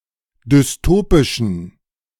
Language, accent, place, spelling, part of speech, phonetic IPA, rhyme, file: German, Germany, Berlin, dystopischen, adjective, [dʏsˈtoːpɪʃn̩], -oːpɪʃn̩, De-dystopischen.ogg
- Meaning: inflection of dystopisch: 1. strong genitive masculine/neuter singular 2. weak/mixed genitive/dative all-gender singular 3. strong/weak/mixed accusative masculine singular 4. strong dative plural